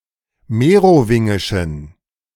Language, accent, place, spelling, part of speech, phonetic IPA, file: German, Germany, Berlin, merowingischen, adjective, [ˈmeːʁoˌvɪŋɪʃn̩], De-merowingischen.ogg
- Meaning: inflection of merowingisch: 1. strong genitive masculine/neuter singular 2. weak/mixed genitive/dative all-gender singular 3. strong/weak/mixed accusative masculine singular 4. strong dative plural